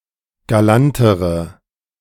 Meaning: inflection of galant: 1. strong/mixed nominative/accusative feminine singular comparative degree 2. strong nominative/accusative plural comparative degree
- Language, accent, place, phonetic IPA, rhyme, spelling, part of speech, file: German, Germany, Berlin, [ɡaˈlantəʁə], -antəʁə, galantere, adjective, De-galantere.ogg